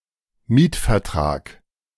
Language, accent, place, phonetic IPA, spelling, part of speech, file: German, Germany, Berlin, [ˈmiːtfɛɐ̯ˌtʁaːk], Mietvertrag, noun, De-Mietvertrag.ogg
- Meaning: 1. lease agreement 2. rental agreement